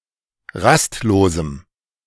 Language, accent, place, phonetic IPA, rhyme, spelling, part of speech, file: German, Germany, Berlin, [ˈʁastˌloːzm̩], -astloːzm̩, rastlosem, adjective, De-rastlosem.ogg
- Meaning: strong dative masculine/neuter singular of rastlos